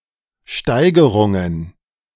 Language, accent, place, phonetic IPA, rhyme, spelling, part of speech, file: German, Germany, Berlin, [ˈʃtaɪ̯ɡəʁʊŋən], -aɪ̯ɡəʁʊŋən, Steigerungen, noun, De-Steigerungen.ogg
- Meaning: plural of Steigerung